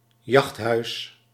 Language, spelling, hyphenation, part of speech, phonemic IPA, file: Dutch, jachthuis, jacht‧huis, noun, /ˈjɑxt.ɦœy̯s/, Nl-jachthuis.ogg
- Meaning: hunting lodge